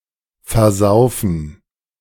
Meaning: 1. to spend on drinking 2. to drown
- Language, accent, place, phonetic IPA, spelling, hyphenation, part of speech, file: German, Germany, Berlin, [fɛɐ̯ˈzaʊ̯fn̩], versaufen, ver‧sau‧fen, verb, De-versaufen.ogg